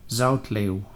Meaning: a city and municipality of Flemish Brabant, Belgium
- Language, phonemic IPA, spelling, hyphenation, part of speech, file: Dutch, /ˈzɑu̯t.leːu̯/, Zoutleeuw, Zout‧leeuw, proper noun, Nl-Zoutleeuw.ogg